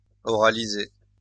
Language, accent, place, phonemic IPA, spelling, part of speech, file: French, France, Lyon, /ɔ.ʁa.li.ze/, oraliser, verb, LL-Q150 (fra)-oraliser.wav
- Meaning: to oralize/oralise